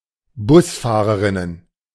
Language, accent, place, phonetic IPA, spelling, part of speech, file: German, Germany, Berlin, [ˈbʊsˌfaːʁəʁɪnən], Busfahrerinnen, noun, De-Busfahrerinnen.ogg
- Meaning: plural of Busfahrerin